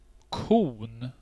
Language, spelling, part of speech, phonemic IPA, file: Swedish, kon, noun, /kuːn/, Sv-kon.ogg
- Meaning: 1. a cone 2. a cone: a traffic cone 3. definite singular of ko